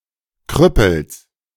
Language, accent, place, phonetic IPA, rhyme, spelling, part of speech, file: German, Germany, Berlin, [ˈkʁʏpl̩s], -ʏpl̩s, Krüppels, noun, De-Krüppels.ogg
- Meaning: genitive singular of Krüppel